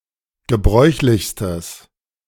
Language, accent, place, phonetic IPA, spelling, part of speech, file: German, Germany, Berlin, [ɡəˈbʁɔɪ̯çlɪçstəs], gebräuchlichstes, adjective, De-gebräuchlichstes.ogg
- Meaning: strong/mixed nominative/accusative neuter singular superlative degree of gebräuchlich